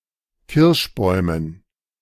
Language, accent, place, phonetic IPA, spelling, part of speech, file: German, Germany, Berlin, [ˈkɪʁʃˌbɔɪ̯mən], Kirschbäumen, noun, De-Kirschbäumen.ogg
- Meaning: dative plural of Kirschbaum